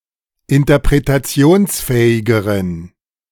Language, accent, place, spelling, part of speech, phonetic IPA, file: German, Germany, Berlin, interpretationsfähigeren, adjective, [ɪntɐpʁetaˈt͡si̯oːnsˌfɛːɪɡəʁən], De-interpretationsfähigeren.ogg
- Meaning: inflection of interpretationsfähig: 1. strong genitive masculine/neuter singular comparative degree 2. weak/mixed genitive/dative all-gender singular comparative degree